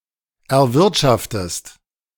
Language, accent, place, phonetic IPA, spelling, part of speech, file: German, Germany, Berlin, [ɛɐ̯ˈvɪʁtʃaftəst], erwirtschaftest, verb, De-erwirtschaftest.ogg
- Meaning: inflection of erwirtschaften: 1. second-person singular present 2. second-person singular subjunctive I